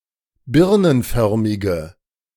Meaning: inflection of birnenförmig: 1. strong/mixed nominative/accusative feminine singular 2. strong nominative/accusative plural 3. weak nominative all-gender singular
- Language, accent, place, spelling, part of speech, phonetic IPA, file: German, Germany, Berlin, birnenförmige, adjective, [ˈbɪʁnənˌfœʁmɪɡə], De-birnenförmige.ogg